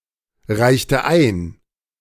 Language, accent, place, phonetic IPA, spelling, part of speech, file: German, Germany, Berlin, [ˌʁaɪ̯çtə ˈaɪ̯n], reichte ein, verb, De-reichte ein.ogg
- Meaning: inflection of einreichen: 1. first/third-person singular preterite 2. first/third-person singular subjunctive II